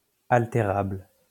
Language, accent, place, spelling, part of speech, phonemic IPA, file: French, France, Lyon, altérable, adjective, /al.te.ʁabl/, LL-Q150 (fra)-altérable.wav
- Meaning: alterable